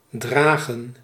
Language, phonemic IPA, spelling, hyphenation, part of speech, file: Dutch, /ˈdraːɣə(n)/, dragen, dra‧gen, verb, Nl-dragen.ogg
- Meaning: 1. to carry 2. to wear (clothes) 3. to transfer